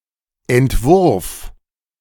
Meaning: 1. draft 2. design, model, sketch
- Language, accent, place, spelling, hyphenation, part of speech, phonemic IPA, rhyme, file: German, Germany, Berlin, Entwurf, Ent‧wurf, noun, /ɛntˈvʊʁf/, -ʊʁf, De-Entwurf.ogg